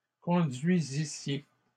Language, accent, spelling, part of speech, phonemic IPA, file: French, Canada, conduisissiez, verb, /kɔ̃.dɥi.zi.sje/, LL-Q150 (fra)-conduisissiez.wav
- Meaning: second-person plural imperfect subjunctive of conduire